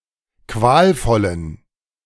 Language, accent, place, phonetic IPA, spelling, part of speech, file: German, Germany, Berlin, [ˈkvaːlˌfɔlən], qualvollen, adjective, De-qualvollen.ogg
- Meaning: inflection of qualvoll: 1. strong genitive masculine/neuter singular 2. weak/mixed genitive/dative all-gender singular 3. strong/weak/mixed accusative masculine singular 4. strong dative plural